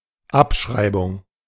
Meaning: writedown, writeoff
- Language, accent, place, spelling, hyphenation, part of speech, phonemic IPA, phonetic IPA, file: German, Germany, Berlin, Abschreibung, Ab‧schrei‧bung, noun, /ˈapˌʃʁaɪ̯bʊŋ/, [ˈʔapˌʃʁaɪ̯bʊŋ], De-Abschreibung.ogg